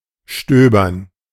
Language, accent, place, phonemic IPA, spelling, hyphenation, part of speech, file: German, Germany, Berlin, /ˈʃtøːbɐn/, stöbern, stö‧bern, verb, De-stöbern.ogg
- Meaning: 1. to browse, to rummage 2. there to be a flurry of snow 3. to blow around 4. to clean up